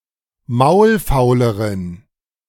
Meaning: inflection of maulfaul: 1. strong genitive masculine/neuter singular comparative degree 2. weak/mixed genitive/dative all-gender singular comparative degree
- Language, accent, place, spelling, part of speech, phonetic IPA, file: German, Germany, Berlin, maulfauleren, adjective, [ˈmaʊ̯lˌfaʊ̯ləʁən], De-maulfauleren.ogg